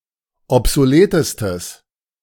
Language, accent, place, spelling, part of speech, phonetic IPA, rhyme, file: German, Germany, Berlin, obsoletestes, adjective, [ɔpzoˈleːtəstəs], -eːtəstəs, De-obsoletestes.ogg
- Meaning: strong/mixed nominative/accusative neuter singular superlative degree of obsolet